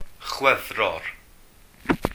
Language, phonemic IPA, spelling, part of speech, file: Welsh, /ˈχwɛvrɔr/, Chwefror, proper noun, Cy-Chwefror.ogg
- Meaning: February